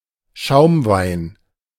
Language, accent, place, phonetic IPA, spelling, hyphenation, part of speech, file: German, Germany, Berlin, [ˈʃaʊ̯mˌvaɪ̯n], Schaumwein, Schaum‧wein, noun, De-Schaumwein.ogg
- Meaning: sparkling wine